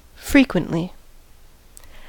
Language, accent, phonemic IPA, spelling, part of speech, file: English, US, /ˈfɹiː.kwənt.li/, frequently, adverb, En-us-frequently.ogg
- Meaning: 1. At frequent intervals 2. For infinitely many terms of the sequence